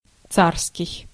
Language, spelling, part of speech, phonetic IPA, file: Russian, царский, adjective, [ˈt͡sarskʲɪj], Ru-царский.ogg
- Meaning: 1. czarist, imperial, of the czar 2. royal, regal, kingly